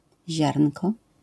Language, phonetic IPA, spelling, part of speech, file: Polish, [ˈʑarn̥kɔ], ziarnko, noun, LL-Q809 (pol)-ziarnko.wav